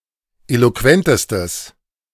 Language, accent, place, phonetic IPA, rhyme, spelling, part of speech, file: German, Germany, Berlin, [ˌeloˈkvɛntəstəs], -ɛntəstəs, eloquentestes, adjective, De-eloquentestes.ogg
- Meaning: strong/mixed nominative/accusative neuter singular superlative degree of eloquent